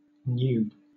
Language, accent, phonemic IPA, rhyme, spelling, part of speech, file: English, Southern England, /n(j)uːb/, -uːb, noob, noun, LL-Q1860 (eng)-noob.wav
- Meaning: 1. A newb or newbie; someone who is new to a game, concept, or idea; implying a lack of experience 2. Someone who is obsessed with something; a nerd